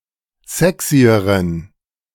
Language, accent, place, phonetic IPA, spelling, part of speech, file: German, Germany, Berlin, [ˈzɛksiəʁən], sexyeren, adjective, De-sexyeren.ogg
- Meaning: inflection of sexy: 1. strong genitive masculine/neuter singular comparative degree 2. weak/mixed genitive/dative all-gender singular comparative degree